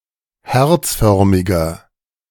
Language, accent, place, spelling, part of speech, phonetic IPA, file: German, Germany, Berlin, herzförmiger, adjective, [ˈhɛʁt͡sˌfœʁmɪɡɐ], De-herzförmiger.ogg
- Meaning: inflection of herzförmig: 1. strong/mixed nominative masculine singular 2. strong genitive/dative feminine singular 3. strong genitive plural